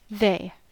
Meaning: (pronoun) 1. A group of entities previously mentioned 2. A single person, previously mentioned, whose gender is unknown, irrelevant, or non-binary.: One whose gender is unknown, irrelevant, or both
- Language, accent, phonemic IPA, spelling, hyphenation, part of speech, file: English, General American, /ˈðeɪ̯/, they, they, pronoun / determiner / verb / noun, En-us-they.ogg